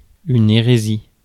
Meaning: 1. heresy (doctrine held by a member of a religion at variance or conflict with established religious beliefs) 2. heresy, sacrilege (violation of something regarded as sacred)
- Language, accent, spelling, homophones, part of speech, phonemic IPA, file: French, France, hérésie, hérésies, noun, /e.ʁe.zi/, Fr-hérésie.ogg